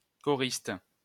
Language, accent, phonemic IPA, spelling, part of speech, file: French, France, /kɔ.ʁist/, choriste, noun, LL-Q150 (fra)-choriste.wav
- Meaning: 1. chorister 2. member of the chorus (operatic)